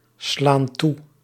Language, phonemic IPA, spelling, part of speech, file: Dutch, /ˈslan ˈtu/, slaan toe, verb, Nl-slaan toe.ogg
- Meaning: inflection of toeslaan: 1. plural present indicative 2. plural present subjunctive